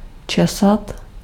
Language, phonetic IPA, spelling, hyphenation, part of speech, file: Czech, [ˈt͡ʃɛsat], česat, če‧sat, verb, Cs-česat.ogg
- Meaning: 1. to comb (e.g. hair) 2. to pick (to remove a fruit for consumption)